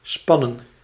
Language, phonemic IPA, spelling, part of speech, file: Dutch, /ˈspɑ.nə(n)/, spannen, verb, Nl-spannen.ogg
- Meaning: 1. to strain, to put tension on 2. to stretch